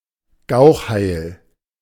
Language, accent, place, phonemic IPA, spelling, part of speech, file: German, Germany, Berlin, /ˈɡaʊ̯x.ˌhaɪ̯l/, Gauchheil, noun, De-Gauchheil.ogg
- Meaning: a pimpernel; any of the plants of the genus Anagallis